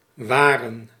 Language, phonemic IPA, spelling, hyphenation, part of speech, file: Dutch, /ˈʋaːrə(n)/, waren, wa‧ren, verb / noun, Nl-waren.ogg
- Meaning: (verb) 1. to wander, to roam 2. to watch 3. to protect 4. to keep, to preserve 5. inflection of zijn: plural past indicative 6. inflection of zijn: plural past subjunctive; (noun) plural of waar